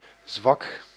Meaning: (adjective) 1. weak 2. shabby; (noun) 1. soft spot 2. weakness
- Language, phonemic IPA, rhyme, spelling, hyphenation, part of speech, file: Dutch, /zʋɑk/, -ɑk, zwak, zwak, adjective / noun, Nl-zwak.ogg